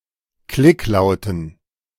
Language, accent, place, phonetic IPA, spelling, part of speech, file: German, Germany, Berlin, [ˈklɪkˌlaʊ̯tn̩], Klicklauten, noun, De-Klicklauten.ogg
- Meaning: dative plural of Klicklaut